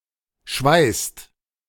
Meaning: inflection of schweißen: 1. second/third-person singular present 2. second-person plural present 3. plural imperative
- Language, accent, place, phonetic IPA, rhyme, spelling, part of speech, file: German, Germany, Berlin, [ʃvaɪ̯st], -aɪ̯st, schweißt, verb, De-schweißt.ogg